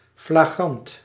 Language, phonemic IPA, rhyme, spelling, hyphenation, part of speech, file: Dutch, /flaːˈɣrɑnt/, -ɑnt, flagrant, fla‧grant, adjective, Nl-flagrant.ogg
- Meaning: flagrant, blatant (obvious and offensive)